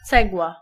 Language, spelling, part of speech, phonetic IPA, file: Polish, cegła, noun, [ˈt͡sɛɡwa], Pl-cegła.ogg